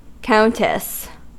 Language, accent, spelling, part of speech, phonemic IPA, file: English, US, countess, noun, /ˈkaʊntɪs/, En-us-countess.ogg
- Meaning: 1. The wife of a count or earl 2. A woman holding the rank of count or earl in her own right; a female holder of an earldom